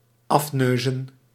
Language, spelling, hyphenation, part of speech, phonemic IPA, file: Dutch, afneuzen, af‧neu‧zen, verb, /ˈɑfˌnøː.zə(n)/, Nl-afneuzen.ogg
- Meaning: 1. to peek (at) in order to copy, to plagiarise 2. to snoop on, to stealthily investigate